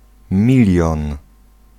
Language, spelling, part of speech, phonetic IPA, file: Polish, milion, noun, [ˈmʲilʲjɔ̃n], Pl-milion.ogg